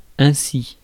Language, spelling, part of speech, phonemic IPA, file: French, ainsi, adverb, /ɛ̃.si/, Fr-ainsi.ogg
- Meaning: in this way, thus